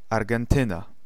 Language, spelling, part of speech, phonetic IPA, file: Polish, Argentyna, proper noun, [ˌarɡɛ̃nˈtɨ̃na], Pl-Argentyna.ogg